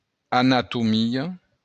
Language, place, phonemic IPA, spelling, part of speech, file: Occitan, Béarn, /anatuˈmio/, anatomia, noun, LL-Q14185 (oci)-anatomia.wav
- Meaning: anatomy